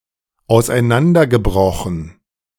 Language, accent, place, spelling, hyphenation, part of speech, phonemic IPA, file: German, Germany, Berlin, auseinandergebrochen, aus‧ei‧n‧an‧der‧ge‧bro‧chen, verb, /ˌaʊ̯saɪ̯ˈnandɐɡəˌbʁɔxən/, De-auseinandergebrochen.ogg
- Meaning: past participle of auseinanderbrechen